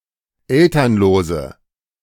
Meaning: inflection of elternlos: 1. strong/mixed nominative/accusative feminine singular 2. strong nominative/accusative plural 3. weak nominative all-gender singular
- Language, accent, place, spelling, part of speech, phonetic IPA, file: German, Germany, Berlin, elternlose, adjective, [ˈɛltɐnloːzə], De-elternlose.ogg